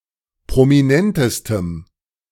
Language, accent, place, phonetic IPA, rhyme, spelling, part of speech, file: German, Germany, Berlin, [pʁomiˈnɛntəstəm], -ɛntəstəm, prominentestem, adjective, De-prominentestem.ogg
- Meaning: strong dative masculine/neuter singular superlative degree of prominent